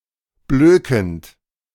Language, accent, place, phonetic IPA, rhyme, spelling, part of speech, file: German, Germany, Berlin, [ˈbløːkn̩t], -øːkn̩t, blökend, verb, De-blökend.ogg
- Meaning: present participle of blöken